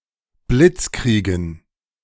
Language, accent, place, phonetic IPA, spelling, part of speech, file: German, Germany, Berlin, [ˈblɪt͡sˌkʁiːɡn̩], Blitzkriegen, noun, De-Blitzkriegen.ogg
- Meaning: dative plural of Blitzkrieg